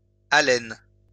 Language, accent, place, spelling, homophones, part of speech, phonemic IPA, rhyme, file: French, France, Lyon, alêne, alène / alènes / allen / Allen / allène / allènes / haleine / haleines / halène / halènent / halènes, noun, /a.lɛn/, -ɛn, LL-Q150 (fra)-alêne.wav
- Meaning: awl (pointed instrument for piercing)